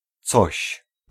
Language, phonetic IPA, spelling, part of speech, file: Polish, [t͡sɔɕ], coś, pronoun / particle, Pl-coś.ogg